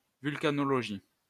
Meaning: volcanology (study of volcanoes)
- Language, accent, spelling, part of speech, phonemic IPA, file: French, France, vulcanologie, noun, /vyl.ka.nɔ.lɔ.ʒi/, LL-Q150 (fra)-vulcanologie.wav